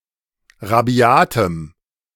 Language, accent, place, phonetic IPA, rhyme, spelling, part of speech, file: German, Germany, Berlin, [ʁaˈbi̯aːtəm], -aːtəm, rabiatem, adjective, De-rabiatem.ogg
- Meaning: strong dative masculine/neuter singular of rabiat